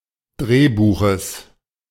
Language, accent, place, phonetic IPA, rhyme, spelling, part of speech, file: German, Germany, Berlin, [ˈdʁeːˌbuːxəs], -eːbuːxəs, Drehbuches, noun, De-Drehbuches.ogg
- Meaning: genitive singular of Drehbuch